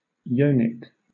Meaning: 1. In the shape of a vulva (yoni) 2. Of or relating to the yoni
- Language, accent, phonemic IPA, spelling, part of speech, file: English, Southern England, /ˈjoʊnɪk/, yonic, adjective, LL-Q1860 (eng)-yonic.wav